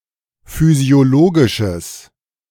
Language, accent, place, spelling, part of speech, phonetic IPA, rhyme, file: German, Germany, Berlin, physiologisches, adjective, [fyzi̯oˈloːɡɪʃəs], -oːɡɪʃəs, De-physiologisches.ogg
- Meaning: strong/mixed nominative/accusative neuter singular of physiologisch